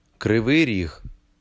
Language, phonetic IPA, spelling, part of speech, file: Ukrainian, [kreˈʋɪi̯ ˈriɦ], Кривий Ріг, proper noun, Uk-Кривий Ріг.ogg
- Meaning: Kryvyi Rih (a city in Ukraine)